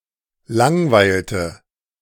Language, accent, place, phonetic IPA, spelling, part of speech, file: German, Germany, Berlin, [ˈlaŋˌvaɪ̯ltə], langweilte, verb, De-langweilte.ogg
- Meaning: inflection of langweilen: 1. first/third-person singular preterite 2. first/third-person singular subjunctive II